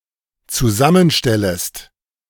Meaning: second-person singular dependent subjunctive I of zusammenstellen
- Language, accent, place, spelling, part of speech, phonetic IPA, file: German, Germany, Berlin, zusammenstellest, verb, [t͡suˈzamənˌʃtɛləst], De-zusammenstellest.ogg